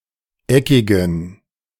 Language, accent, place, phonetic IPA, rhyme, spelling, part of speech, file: German, Germany, Berlin, [ˈɛkɪɡn̩], -ɛkɪɡn̩, eckigen, adjective, De-eckigen.ogg
- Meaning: inflection of eckig: 1. strong genitive masculine/neuter singular 2. weak/mixed genitive/dative all-gender singular 3. strong/weak/mixed accusative masculine singular 4. strong dative plural